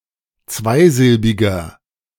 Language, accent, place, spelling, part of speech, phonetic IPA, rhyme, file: German, Germany, Berlin, zweisilbiger, adjective, [ˈt͡svaɪ̯ˌzɪlbɪɡɐ], -aɪ̯zɪlbɪɡɐ, De-zweisilbiger.ogg
- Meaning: inflection of zweisilbig: 1. strong/mixed nominative masculine singular 2. strong genitive/dative feminine singular 3. strong genitive plural